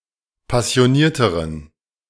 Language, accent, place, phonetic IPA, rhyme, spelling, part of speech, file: German, Germany, Berlin, [pasi̯oˈniːɐ̯təʁən], -iːɐ̯təʁən, passionierteren, adjective, De-passionierteren.ogg
- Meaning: inflection of passioniert: 1. strong genitive masculine/neuter singular comparative degree 2. weak/mixed genitive/dative all-gender singular comparative degree